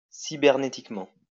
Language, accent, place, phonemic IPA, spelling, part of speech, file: French, France, Lyon, /si.bɛʁ.ne.tik.mɑ̃/, cybernétiquement, adverb, LL-Q150 (fra)-cybernétiquement.wav
- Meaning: cybernetically